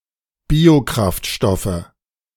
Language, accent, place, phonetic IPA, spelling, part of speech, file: German, Germany, Berlin, [ˈbiːoˌkʁaftʃtɔfə], Biokraftstoffe, noun, De-Biokraftstoffe.ogg
- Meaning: nominative/accusative/genitive plural of Biokraftstoff